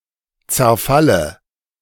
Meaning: dative of Zerfall
- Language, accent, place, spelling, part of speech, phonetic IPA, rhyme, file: German, Germany, Berlin, Zerfalle, noun, [t͡sɛɐ̯ˈfalə], -alə, De-Zerfalle.ogg